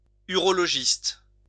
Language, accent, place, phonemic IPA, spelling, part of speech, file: French, France, Lyon, /y.ʁɔ.lɔ.ʒist/, urologiste, noun, LL-Q150 (fra)-urologiste.wav
- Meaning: urologist